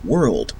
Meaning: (noun) 1. The subjective human experience, regarded collectively; human collective existence; existence in general; the reality we live in 2. The subjective human experience, regarded individually
- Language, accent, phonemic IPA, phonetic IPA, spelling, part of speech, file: English, Canada, /wɝld/, [wɝɫd], world, noun / verb, En-ca-world.ogg